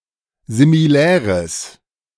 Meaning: strong/mixed nominative/accusative neuter singular of similär
- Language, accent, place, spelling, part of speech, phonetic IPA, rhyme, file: German, Germany, Berlin, similäres, adjective, [zimiˈlɛːʁəs], -ɛːʁəs, De-similäres.ogg